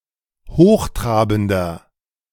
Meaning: 1. comparative degree of hochtrabend 2. inflection of hochtrabend: strong/mixed nominative masculine singular 3. inflection of hochtrabend: strong genitive/dative feminine singular
- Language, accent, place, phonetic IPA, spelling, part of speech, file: German, Germany, Berlin, [ˈhoːxˌtʁaːbn̩dɐ], hochtrabender, adjective, De-hochtrabender.ogg